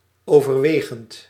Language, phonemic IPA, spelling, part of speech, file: Dutch, /ovərˈwexənt/, overwegend, verb / adjective, Nl-overwegend.ogg
- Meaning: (verb) present participle of overwegen; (adjective) predominant; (adverb) mostly, mainly, predominantly